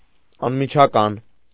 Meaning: 1. immediate, instant, direct 2. urgent, pressing, immediate 3. straightforward, honest, direct
- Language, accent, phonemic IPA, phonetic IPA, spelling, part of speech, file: Armenian, Eastern Armenian, /ɑnmit͡ʃʰɑˈkɑn/, [ɑnmit͡ʃʰɑkɑ́n], անմիջական, adjective, Hy-անմիջական.ogg